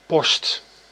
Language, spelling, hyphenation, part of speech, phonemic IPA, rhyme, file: Dutch, post, post, noun / verb, /pɔst/, -ɔst, Nl-post.ogg
- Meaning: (noun) 1. mail 2. a mail office, a post office 3. a location or station, where a soldier is supposed to be; position 4. a post, a position, an office 5. alternative form of pos